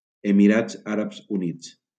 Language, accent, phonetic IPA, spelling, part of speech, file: Catalan, Valencia, [e.miˈɾadz ˈa.ɾabz uˈnits], Emirats Àrabs Units, proper noun, LL-Q7026 (cat)-Emirats Àrabs Units.wav
- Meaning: United Arab Emirates (a country in West Asia in the Middle East)